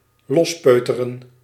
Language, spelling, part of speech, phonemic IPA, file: Dutch, lospeuteren, verb, /ˈlɔsˌpøː.tə.rə(n)/, Nl-lospeuteren.ogg
- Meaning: 1. to pick loose, pry loose 2. to winkle out, wheedle